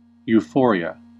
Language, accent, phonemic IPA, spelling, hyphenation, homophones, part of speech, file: English, US, /juˈfo.ɹi.ə/, euphoria, eu‧pho‧ria, ewphoria, noun, En-us-euphoria.ogg
- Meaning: 1. An excited state of joy; a feeling of intense happiness 2. Ellipsis of gender euphoria